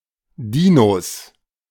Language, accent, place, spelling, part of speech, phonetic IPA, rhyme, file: German, Germany, Berlin, Dinos, noun, [ˈdiːnos], -iːnos, De-Dinos.ogg
- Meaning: plural of Dino